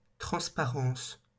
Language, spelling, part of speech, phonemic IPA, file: French, transparence, noun, /tʁɑ̃s.pa.ʁɑ̃s/, LL-Q150 (fra)-transparence.wav
- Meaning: transparence, transparency